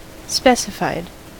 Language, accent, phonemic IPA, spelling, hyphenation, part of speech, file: English, US, /ˈspɛsɪfaɪd/, specified, spe‧ci‧fied, adjective / verb, En-us-specified.ogg
- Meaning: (adjective) Thoroughly explained; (verb) simple past and past participle of specify